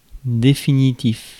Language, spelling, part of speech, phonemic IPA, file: French, définitif, adjective, /de.fi.ni.tif/, Fr-définitif.ogg
- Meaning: 1. definitive, conclusive, final 2. permanent